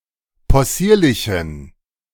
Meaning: inflection of possierlich: 1. strong genitive masculine/neuter singular 2. weak/mixed genitive/dative all-gender singular 3. strong/weak/mixed accusative masculine singular 4. strong dative plural
- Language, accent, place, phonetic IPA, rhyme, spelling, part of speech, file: German, Germany, Berlin, [pɔˈsiːɐ̯lɪçn̩], -iːɐ̯lɪçn̩, possierlichen, adjective, De-possierlichen.ogg